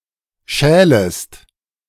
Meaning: second-person singular subjunctive I of schälen
- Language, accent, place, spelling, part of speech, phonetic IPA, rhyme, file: German, Germany, Berlin, schälest, verb, [ˈʃɛːləst], -ɛːləst, De-schälest.ogg